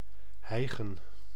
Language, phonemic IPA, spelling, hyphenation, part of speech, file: Dutch, /ˈɦɛi̯.ɣə(n)/, hijgen, hij‧gen, verb, Nl-hijgen.ogg
- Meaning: to pant, to gasp for breath